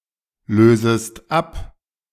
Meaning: second-person singular subjunctive I of ablösen
- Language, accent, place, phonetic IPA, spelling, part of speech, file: German, Germany, Berlin, [ˌløːzəst ˈap], lösest ab, verb, De-lösest ab.ogg